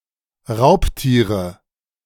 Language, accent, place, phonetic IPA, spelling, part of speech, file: German, Germany, Berlin, [ˈʁaʊ̯ptiːʁə], Raubtiere, noun, De-Raubtiere.ogg
- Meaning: 1. nominative/accusative/genitive plural of Raubtier 2. dative singular of Raubtier